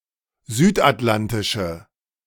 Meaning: inflection of südatlantisch: 1. strong/mixed nominative/accusative feminine singular 2. strong nominative/accusative plural 3. weak nominative all-gender singular
- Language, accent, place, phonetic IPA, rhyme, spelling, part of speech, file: German, Germany, Berlin, [ˈzyːtʔatˌlantɪʃə], -antɪʃə, südatlantische, adjective, De-südatlantische.ogg